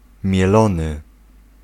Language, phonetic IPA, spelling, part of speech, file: Polish, [mʲjɛˈlɔ̃nɨ], mielony, noun / verb, Pl-mielony.ogg